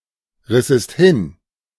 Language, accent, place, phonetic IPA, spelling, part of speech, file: German, Germany, Berlin, [ˌʁɪsəst ˈhɪn], rissest hin, verb, De-rissest hin.ogg
- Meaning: second-person singular subjunctive II of hinreißen